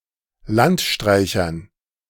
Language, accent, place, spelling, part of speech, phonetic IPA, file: German, Germany, Berlin, Landstreichern, noun, [ˈlantˌʃtʁaɪ̯çɐn], De-Landstreichern.ogg
- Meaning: dative plural of Landstreicher